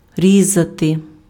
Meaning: to cut, to slice, to carve
- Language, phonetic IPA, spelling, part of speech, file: Ukrainian, [ˈrʲizɐte], різати, verb, Uk-різати.ogg